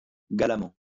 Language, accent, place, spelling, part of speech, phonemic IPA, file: French, France, Lyon, galamment, adverb, /ɡa.la.mɑ̃/, LL-Q150 (fra)-galamment.wav
- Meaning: 1. gallantly 2. elegantly